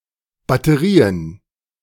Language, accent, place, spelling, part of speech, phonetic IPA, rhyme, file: German, Germany, Berlin, Batterien, noun, [batəˈʁiːən], -iːən, De-Batterien.ogg
- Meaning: plural of Batterie